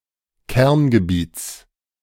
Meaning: genitive of Kerngebiet
- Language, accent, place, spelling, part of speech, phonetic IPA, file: German, Germany, Berlin, Kerngebiets, noun, [ˈkɛʁnɡəˌbiːt͡s], De-Kerngebiets.ogg